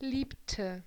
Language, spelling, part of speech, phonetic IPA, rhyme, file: German, liebte, verb, [ˈliːptə], -iːptə, De-liebte.ogg
- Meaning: inflection of lieben: 1. first/third-person singular preterite 2. first/third-person singular subjunctive II